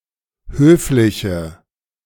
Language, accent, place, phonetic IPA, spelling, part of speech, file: German, Germany, Berlin, [ˈhøːflɪçə], höfliche, adjective, De-höfliche.ogg
- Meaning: inflection of höflich: 1. strong/mixed nominative/accusative feminine singular 2. strong nominative/accusative plural 3. weak nominative all-gender singular 4. weak accusative feminine/neuter singular